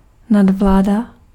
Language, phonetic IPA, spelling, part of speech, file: Czech, [ˈnadvlaːda], nadvláda, noun, Cs-nadvláda.ogg
- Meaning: domination, supremacy